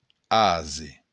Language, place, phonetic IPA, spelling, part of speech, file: Occitan, Béarn, [ˈaze], ase, noun, LL-Q14185 (oci)-ase.wav
- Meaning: donkey